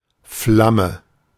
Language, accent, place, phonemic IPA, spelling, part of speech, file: German, Germany, Berlin, /ˈflamə/, Flamme, noun, De-Flamme.ogg
- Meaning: 1. flame (visible part of fire) 2. flame (romantic partner or lover)